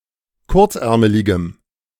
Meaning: strong dative masculine/neuter singular of kurzärmelig
- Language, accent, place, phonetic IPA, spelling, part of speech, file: German, Germany, Berlin, [ˈkʊʁt͡sˌʔɛʁməlɪɡəm], kurzärmeligem, adjective, De-kurzärmeligem.ogg